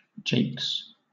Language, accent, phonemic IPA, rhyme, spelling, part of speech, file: English, Southern England, /d͡ʒeɪks/, -eɪks, jakes, noun / verb, LL-Q1860 (eng)-jakes.wav
- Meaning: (noun) 1. A place to urinate and defecate: an outhouse or lavatory 2. plural of jake; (verb) third-person singular simple present indicative of jake